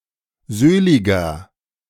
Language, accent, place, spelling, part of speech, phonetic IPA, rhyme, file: German, Germany, Berlin, söhliger, adjective, [ˈzøːlɪɡɐ], -øːlɪɡɐ, De-söhliger.ogg
- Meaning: inflection of söhlig: 1. strong/mixed nominative masculine singular 2. strong genitive/dative feminine singular 3. strong genitive plural